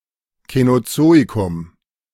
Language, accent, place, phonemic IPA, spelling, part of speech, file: German, Germany, Berlin, /kɛnoˈtsoːikʊm/, Känozoikum, proper noun, De-Känozoikum.ogg
- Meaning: the Cenozoic (a geological era; from about 66 million years ago to the present)